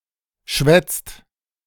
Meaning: inflection of schwätzen: 1. second/third-person singular present 2. second-person plural present 3. plural imperative
- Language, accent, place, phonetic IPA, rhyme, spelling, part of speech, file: German, Germany, Berlin, [ʃvɛt͡st], -ɛt͡st, schwätzt, verb, De-schwätzt.ogg